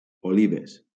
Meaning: plural of oliva
- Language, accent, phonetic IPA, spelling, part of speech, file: Catalan, Valencia, [oˈli.ves], olives, noun, LL-Q7026 (cat)-olives.wav